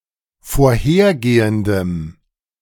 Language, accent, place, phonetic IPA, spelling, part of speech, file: German, Germany, Berlin, [foːɐ̯ˈheːɐ̯ˌɡeːəndəm], vorhergehendem, adjective, De-vorhergehendem.ogg
- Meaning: strong dative masculine/neuter singular of vorhergehend